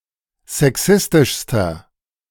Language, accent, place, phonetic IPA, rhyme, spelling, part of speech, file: German, Germany, Berlin, [zɛˈksɪstɪʃstɐ], -ɪstɪʃstɐ, sexistischster, adjective, De-sexistischster.ogg
- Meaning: inflection of sexistisch: 1. strong/mixed nominative masculine singular superlative degree 2. strong genitive/dative feminine singular superlative degree 3. strong genitive plural superlative degree